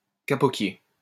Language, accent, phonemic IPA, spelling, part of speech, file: French, France, /ka.pɔ.kje/, kapokier, noun, LL-Q150 (fra)-kapokier.wav
- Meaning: silk-cotton tree